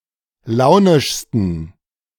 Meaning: 1. superlative degree of launisch 2. inflection of launisch: strong genitive masculine/neuter singular superlative degree
- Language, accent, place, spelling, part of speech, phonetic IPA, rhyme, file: German, Germany, Berlin, launischsten, adjective, [ˈlaʊ̯nɪʃstn̩], -aʊ̯nɪʃstn̩, De-launischsten.ogg